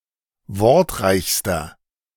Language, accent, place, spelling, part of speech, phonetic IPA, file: German, Germany, Berlin, wortreichster, adjective, [ˈvɔʁtˌʁaɪ̯çstɐ], De-wortreichster.ogg
- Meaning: inflection of wortreich: 1. strong/mixed nominative masculine singular superlative degree 2. strong genitive/dative feminine singular superlative degree 3. strong genitive plural superlative degree